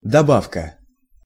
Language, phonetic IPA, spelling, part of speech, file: Russian, [dɐˈbafkə], добавка, noun, Ru-добавка.ogg
- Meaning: 1. additive (substance altering another substance) 2. amendment 3. second helping 4. refill